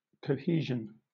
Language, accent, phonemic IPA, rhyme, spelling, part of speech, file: English, Southern England, /kəʊˈhiː.ʒən/, -iːʒən, cohesion, noun, LL-Q1860 (eng)-cohesion.wav
- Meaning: 1. State of cohering, or of working together 2. Various intermolecular forces that hold solids and liquids together 3. Growing together of normally distinct parts of a plant